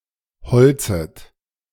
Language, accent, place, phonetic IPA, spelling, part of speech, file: German, Germany, Berlin, [bəˌt͡soːɡn̩ ˈaɪ̯n], bezogen ein, verb, De-bezogen ein.ogg
- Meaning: first/third-person plural preterite of einbeziehen